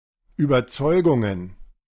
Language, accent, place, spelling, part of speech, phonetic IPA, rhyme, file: German, Germany, Berlin, Überzeugungen, noun, [yːbɐˈt͡sɔɪ̯ɡʊŋən], -ɔɪ̯ɡʊŋən, De-Überzeugungen.ogg
- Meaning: plural of Überzeugung